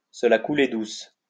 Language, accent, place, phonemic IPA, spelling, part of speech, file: French, France, Lyon, /sə la ku.le dus/, se la couler douce, verb, LL-Q150 (fra)-se la couler douce.wav
- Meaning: to take it easy, to have a cushy time